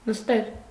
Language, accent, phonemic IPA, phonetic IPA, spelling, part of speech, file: Armenian, Eastern Armenian, /nəsˈtel/, [nəstél], նստել, verb, Hy-նստել.ogg
- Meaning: 1. to sit, to sit down, to take a seat 2. to sink, to subside 3. to fit 4. to shrink 5. to cost someone 6. to be imprisoned 7. to lose power, to die